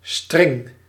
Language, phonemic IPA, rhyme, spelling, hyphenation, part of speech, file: Dutch, /strɪŋ/, -ɪŋ, string, string, noun, Nl-string.ogg
- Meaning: 1. G-string, thong 2. character string